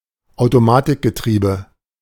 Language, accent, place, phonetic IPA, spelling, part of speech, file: German, Germany, Berlin, [aʊ̯toˈmaːtɪkɡəˌtʁiːbə], Automatikgetriebe, noun, De-Automatikgetriebe.ogg
- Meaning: automatic transmission